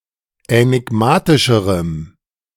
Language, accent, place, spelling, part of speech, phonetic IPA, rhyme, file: German, Germany, Berlin, änigmatischerem, adjective, [ɛnɪˈɡmaːtɪʃəʁəm], -aːtɪʃəʁəm, De-änigmatischerem.ogg
- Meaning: strong dative masculine/neuter singular comparative degree of änigmatisch